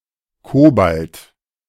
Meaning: cobalt
- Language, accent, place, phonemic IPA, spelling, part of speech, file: German, Germany, Berlin, /ˈkoːbalt/, Kobalt, noun, De-Kobalt.ogg